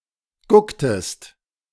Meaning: inflection of gucken: 1. second-person singular preterite 2. second-person singular subjunctive II
- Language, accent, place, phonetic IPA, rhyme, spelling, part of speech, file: German, Germany, Berlin, [ˈɡʊktəst], -ʊktəst, gucktest, verb, De-gucktest.ogg